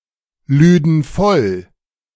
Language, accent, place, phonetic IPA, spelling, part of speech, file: German, Germany, Berlin, [ˌlyːdn̩ ˈfɔl], lüden voll, verb, De-lüden voll.ogg
- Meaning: first/third-person plural subjunctive II of vollladen